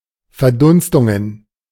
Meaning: plural of Verdunstung
- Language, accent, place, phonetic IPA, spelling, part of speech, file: German, Germany, Berlin, [fɛɐ̯ˈdʊnstʊŋən], Verdunstungen, noun, De-Verdunstungen.ogg